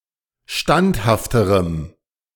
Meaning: strong dative masculine/neuter singular comparative degree of standhaft
- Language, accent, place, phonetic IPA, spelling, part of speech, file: German, Germany, Berlin, [ˈʃtanthaftəʁəm], standhafterem, adjective, De-standhafterem.ogg